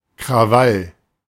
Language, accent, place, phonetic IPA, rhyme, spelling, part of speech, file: German, Germany, Berlin, [kʁaˈval], -al, Krawall, noun, De-Krawall.ogg
- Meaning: 1. riot 2. ruckus, commotion